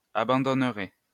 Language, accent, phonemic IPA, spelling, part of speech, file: French, France, /a.bɑ̃.dɔn.ʁɛ/, abandonneraient, verb, LL-Q150 (fra)-abandonneraient.wav
- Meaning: third-person plural conditional of abandonner